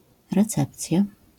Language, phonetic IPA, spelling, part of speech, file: Polish, [rɛˈt͡sɛpt͡sʲja], recepcja, noun, LL-Q809 (pol)-recepcja.wav